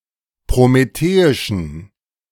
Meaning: inflection of prometheisch: 1. strong genitive masculine/neuter singular 2. weak/mixed genitive/dative all-gender singular 3. strong/weak/mixed accusative masculine singular 4. strong dative plural
- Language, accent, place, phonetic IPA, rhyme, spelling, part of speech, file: German, Germany, Berlin, [pʁomeˈteːɪʃn̩], -eːɪʃn̩, prometheischen, adjective, De-prometheischen.ogg